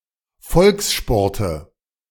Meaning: nominative/accusative/genitive plural of Volkssport
- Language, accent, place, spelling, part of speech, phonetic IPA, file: German, Germany, Berlin, Volkssporte, noun, [ˈfɔlksˌʃpɔʁtə], De-Volkssporte.ogg